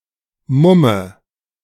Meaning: 1. mum (type of beer originating in Brunswick, Germany) 2. mask 3. a disguised person 4. dative singular of Mumm
- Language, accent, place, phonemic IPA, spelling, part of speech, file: German, Germany, Berlin, /ˈmʊmə/, Mumme, noun, De-Mumme.ogg